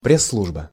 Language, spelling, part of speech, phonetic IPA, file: Russian, пресс-служба, noun, [ˌprʲes ˈsɫuʐbə], Ru-пресс-служба.ogg
- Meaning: press service